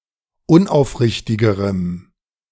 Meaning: strong dative masculine/neuter singular comparative degree of unaufrichtig
- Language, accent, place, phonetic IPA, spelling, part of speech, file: German, Germany, Berlin, [ˈʊnʔaʊ̯fˌʁɪçtɪɡəʁəm], unaufrichtigerem, adjective, De-unaufrichtigerem.ogg